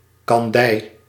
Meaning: rock sugar or rock candy (crystalline sugar confectionery)
- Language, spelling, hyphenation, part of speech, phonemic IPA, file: Dutch, kandij, kan‧dij, noun, /kɑnˈdɛi̯/, Nl-kandij.ogg